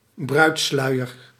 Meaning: a bride's veil
- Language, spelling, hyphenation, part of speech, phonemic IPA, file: Dutch, bruidssluier, bruids‧slui‧er, noun, /ˈbrœy̯tˌslœy̯.ər/, Nl-bruidssluier.ogg